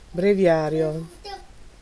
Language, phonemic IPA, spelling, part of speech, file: Italian, /breˈvjarjo/, breviario, noun, It-breviario.ogg